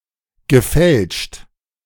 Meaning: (verb) past participle of fälschen; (adjective) counterfeit, forged
- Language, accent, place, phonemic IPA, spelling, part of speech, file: German, Germany, Berlin, /ɡəˈfɛlʃt/, gefälscht, verb / adjective, De-gefälscht.ogg